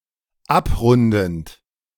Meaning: present participle of abrunden
- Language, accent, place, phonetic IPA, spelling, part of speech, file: German, Germany, Berlin, [ˈapˌʁʊndn̩t], abrundend, verb, De-abrundend.ogg